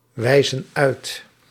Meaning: inflection of uitwijzen: 1. plural present indicative 2. plural present subjunctive
- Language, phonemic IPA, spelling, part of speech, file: Dutch, /ˈwɛizə(n) ˈœyt/, wijzen uit, verb, Nl-wijzen uit.ogg